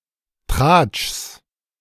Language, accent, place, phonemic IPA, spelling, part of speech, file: German, Germany, Berlin, /tʁaːtʃs/, Tratschs, noun, De-Tratschs.ogg
- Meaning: genitive singular of Tratsch